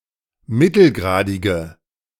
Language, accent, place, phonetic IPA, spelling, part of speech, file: German, Germany, Berlin, [ˈmɪtl̩ˌɡʁaːdɪɡə], mittelgradige, adjective, De-mittelgradige.ogg
- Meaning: inflection of mittelgradig: 1. strong/mixed nominative/accusative feminine singular 2. strong nominative/accusative plural 3. weak nominative all-gender singular